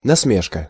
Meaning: jeer, sneer, gibe, mock, mockery, ridicule, derision, scoff, gleek
- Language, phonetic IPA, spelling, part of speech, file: Russian, [nɐsˈmʲeʂkə], насмешка, noun, Ru-насмешка.ogg